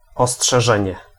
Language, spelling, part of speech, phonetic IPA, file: Polish, ostrzeżenie, noun, [ˌɔsṭʃɛˈʒɛ̃ɲɛ], Pl-ostrzeżenie.ogg